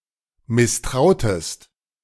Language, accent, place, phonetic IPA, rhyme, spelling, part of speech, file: German, Germany, Berlin, [mɪsˈtʁaʊ̯təst], -aʊ̯təst, misstrautest, verb, De-misstrautest.ogg
- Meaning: inflection of misstrauen: 1. second-person singular preterite 2. second-person singular subjunctive II